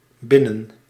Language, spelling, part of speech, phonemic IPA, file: Dutch, binnen-, prefix, /ˈbɪ.nə(n)/, Nl-binnen-.ogg
- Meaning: inside, inner